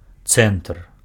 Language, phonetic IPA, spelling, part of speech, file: Belarusian, [t͡sɛntr], цэнтр, noun, Be-цэнтр.ogg
- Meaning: centre